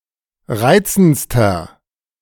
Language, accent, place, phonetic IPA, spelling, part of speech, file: German, Germany, Berlin, [ˈʁaɪ̯t͡sn̩t͡stɐ], reizendster, adjective, De-reizendster.ogg
- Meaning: inflection of reizend: 1. strong/mixed nominative masculine singular superlative degree 2. strong genitive/dative feminine singular superlative degree 3. strong genitive plural superlative degree